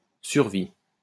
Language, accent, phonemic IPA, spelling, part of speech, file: French, France, /syʁ.vi/, survie, noun, LL-Q150 (fra)-survie.wav
- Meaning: survival